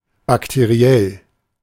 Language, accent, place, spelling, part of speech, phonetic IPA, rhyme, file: German, Germany, Berlin, bakteriell, adjective, [baktəˈʁi̯ɛl], -ɛl, De-bakteriell.ogg
- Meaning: bacterial